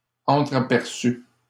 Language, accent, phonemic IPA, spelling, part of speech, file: French, Canada, /ɑ̃.tʁa.pɛʁ.sy/, entraperçues, adjective, LL-Q150 (fra)-entraperçues.wav
- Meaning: feminine plural of entraperçu